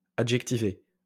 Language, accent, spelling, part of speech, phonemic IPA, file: French, France, adjectivé, verb, /a.dʒɛk.ti.ve/, LL-Q150 (fra)-adjectivé.wav
- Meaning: past participle of adjectiver